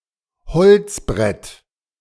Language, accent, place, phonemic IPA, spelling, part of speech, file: German, Germany, Berlin, /ˈhɔlt͡sˌbʁɛt/, Holzbrett, noun, De-Holzbrett.ogg
- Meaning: wooden board